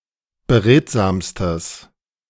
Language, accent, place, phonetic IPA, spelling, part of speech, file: German, Germany, Berlin, [bəˈʁeːtzaːmstəs], beredsamstes, adjective, De-beredsamstes.ogg
- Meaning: strong/mixed nominative/accusative neuter singular superlative degree of beredsam